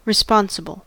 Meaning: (adjective) Having the duty of taking care of something; answerable for an act performed or for its consequences; accountable; amenable, especially legally or politically
- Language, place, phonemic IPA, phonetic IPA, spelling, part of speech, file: English, California, /ɹɪˈspɑn.sə.bəl/, [ɹɪˈspɑn.sə.bɫ̩], responsible, adjective / noun, En-us-responsible.ogg